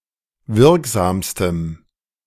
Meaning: strong dative masculine/neuter singular superlative degree of wirksam
- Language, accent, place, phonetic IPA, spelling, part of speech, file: German, Germany, Berlin, [ˈvɪʁkˌzaːmstəm], wirksamstem, adjective, De-wirksamstem.ogg